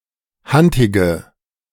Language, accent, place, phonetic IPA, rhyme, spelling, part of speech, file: German, Germany, Berlin, [ˈhantɪɡə], -antɪɡə, hantige, adjective, De-hantige.ogg
- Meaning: inflection of hantig: 1. strong/mixed nominative/accusative feminine singular 2. strong nominative/accusative plural 3. weak nominative all-gender singular 4. weak accusative feminine/neuter singular